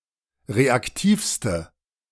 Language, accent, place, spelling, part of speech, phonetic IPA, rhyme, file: German, Germany, Berlin, reaktivste, adjective, [ˌʁeakˈtiːfstə], -iːfstə, De-reaktivste.ogg
- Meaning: inflection of reaktiv: 1. strong/mixed nominative/accusative feminine singular superlative degree 2. strong nominative/accusative plural superlative degree